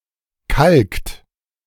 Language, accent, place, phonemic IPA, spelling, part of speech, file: German, Germany, Berlin, /ˈkalkt/, kalkt, verb, De-kalkt.ogg
- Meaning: inflection of kalken: 1. third-person singular present 2. second-person plural present 3. plural imperative